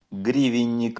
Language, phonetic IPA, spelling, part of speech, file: Russian, [ˈɡrʲivʲɪnʲ(ː)ɪk], гривенник, noun, Ru-гривенник.ogg
- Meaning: ten-copeck coin